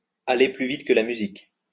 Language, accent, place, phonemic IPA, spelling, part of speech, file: French, France, Lyon, /a.le ply vit kə la my.zik/, aller plus vite que la musique, verb, LL-Q150 (fra)-aller plus vite que la musique.wav
- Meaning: to be hasty, to get ahead of oneself